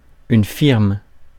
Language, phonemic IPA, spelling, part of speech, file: French, /fiʁm/, firme, noun, Fr-firme.ogg
- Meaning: firm (company)